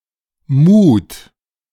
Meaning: inflection of muhen: 1. second-person plural present 2. third-person singular present 3. plural imperative
- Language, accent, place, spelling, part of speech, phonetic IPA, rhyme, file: German, Germany, Berlin, muht, verb, [muːt], -uːt, De-muht.ogg